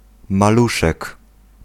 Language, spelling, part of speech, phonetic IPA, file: Polish, maluszek, noun, [maˈluʃɛk], Pl-maluszek.ogg